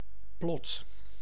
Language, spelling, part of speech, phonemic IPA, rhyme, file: Dutch, plot, noun / verb, /plɔt/, -ɔt, Nl-plot.ogg
- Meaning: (noun) 1. plot (course of a story) 2. plot (graph or diagram); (verb) inflection of plotten: 1. first/second/third-person singular present indicative 2. imperative